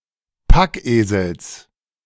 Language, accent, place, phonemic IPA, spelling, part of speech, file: German, Germany, Berlin, /ˈpakˌʔeːzl̩s/, Packesels, noun, De-Packesels.ogg
- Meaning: genitive singular of Packesel